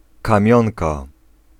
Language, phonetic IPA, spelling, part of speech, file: Polish, [kãˈmʲjɔ̃nka], kamionka, noun, Pl-kamionka.ogg